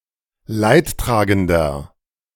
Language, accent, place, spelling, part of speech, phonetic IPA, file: German, Germany, Berlin, Leidtragender, noun, [ˈlaɪ̯tˌtʁaːɡəndɐ], De-Leidtragender.ogg
- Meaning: 1. agent noun of leidtragend; mourner, sufferer (male or of unspecified gender) 2. inflection of Leidtragende: strong genitive/dative singular 3. inflection of Leidtragende: strong genitive plural